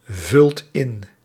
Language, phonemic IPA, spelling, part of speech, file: Dutch, /ˈvʏlt ˈɪn/, vult in, verb, Nl-vult in.ogg
- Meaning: inflection of invullen: 1. second/third-person singular present indicative 2. plural imperative